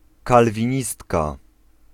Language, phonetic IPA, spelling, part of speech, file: Polish, [ˌkalvʲĩˈɲistka], kalwinistka, noun, Pl-kalwinistka.ogg